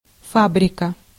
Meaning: factory, plant, mill
- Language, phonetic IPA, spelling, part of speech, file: Russian, [ˈfabrʲɪkə], фабрика, noun, Ru-фабрика.ogg